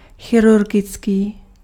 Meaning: surgical
- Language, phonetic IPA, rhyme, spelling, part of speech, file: Czech, [ˈxɪrurɡɪt͡skiː], -ɪtskiː, chirurgický, adjective, Cs-chirurgický.ogg